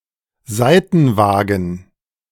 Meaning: sidecar
- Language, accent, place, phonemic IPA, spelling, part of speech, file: German, Germany, Berlin, /ˈzaɪ̯tn̩ˌvaːɡn̩/, Seitenwagen, noun, De-Seitenwagen.ogg